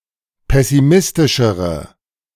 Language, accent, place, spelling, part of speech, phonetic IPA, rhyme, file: German, Germany, Berlin, pessimistischere, adjective, [ˌpɛsiˈmɪstɪʃəʁə], -ɪstɪʃəʁə, De-pessimistischere.ogg
- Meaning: inflection of pessimistisch: 1. strong/mixed nominative/accusative feminine singular comparative degree 2. strong nominative/accusative plural comparative degree